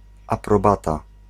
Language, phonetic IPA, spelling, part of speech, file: Polish, [ˌaprɔˈbata], aprobata, noun, Pl-aprobata.ogg